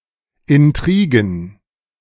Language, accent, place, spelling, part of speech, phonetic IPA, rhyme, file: German, Germany, Berlin, Intrigen, noun, [ɪnˈtʁiːɡn̩], -iːɡn̩, De-Intrigen.ogg
- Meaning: plural of Intrige